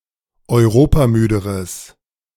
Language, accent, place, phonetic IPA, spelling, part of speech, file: German, Germany, Berlin, [ɔɪ̯ˈʁoːpaˌmyːdəʁəs], europamüderes, adjective, De-europamüderes.ogg
- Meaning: strong/mixed nominative/accusative neuter singular comparative degree of europamüde